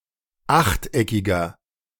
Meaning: inflection of achteckig: 1. strong/mixed nominative masculine singular 2. strong genitive/dative feminine singular 3. strong genitive plural
- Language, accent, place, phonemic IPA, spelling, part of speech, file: German, Germany, Berlin, /ˈaxtˌʔɛkɪɡɐ/, achteckiger, adjective, De-achteckiger.ogg